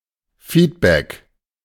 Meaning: feedback
- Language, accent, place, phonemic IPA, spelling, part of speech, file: German, Germany, Berlin, /ˈfiːdbɛk/, Feedback, noun, De-Feedback.ogg